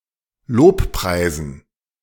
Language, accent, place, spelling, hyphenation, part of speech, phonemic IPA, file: German, Germany, Berlin, lobpreisen, lob‧prei‧sen, verb, /ˈloːpˌpʁaɪ̯zn̩/, De-lobpreisen.ogg
- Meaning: to praise